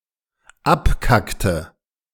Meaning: inflection of abkacken: 1. first/third-person singular dependent preterite 2. first/third-person singular dependent subjunctive II
- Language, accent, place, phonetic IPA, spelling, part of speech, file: German, Germany, Berlin, [ˈapˌkaktə], abkackte, verb, De-abkackte.ogg